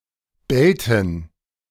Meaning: inflection of bellen: 1. first/third-person plural preterite 2. first/third-person plural subjunctive II
- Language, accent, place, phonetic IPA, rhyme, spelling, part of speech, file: German, Germany, Berlin, [ˈbɛltn̩], -ɛltn̩, bellten, verb, De-bellten.ogg